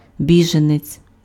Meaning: refugee
- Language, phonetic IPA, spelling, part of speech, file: Ukrainian, [ˈbʲiʒenet͡sʲ], біженець, noun, Uk-біженець.ogg